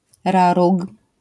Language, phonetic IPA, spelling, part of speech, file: Polish, [ˈraruk], raróg, noun, LL-Q809 (pol)-raróg.wav